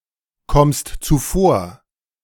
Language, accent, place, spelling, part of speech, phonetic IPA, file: German, Germany, Berlin, kommst zuvor, verb, [ˌkɔmst t͡suˈfoːɐ̯], De-kommst zuvor.ogg
- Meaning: second-person singular present of zuvorkommen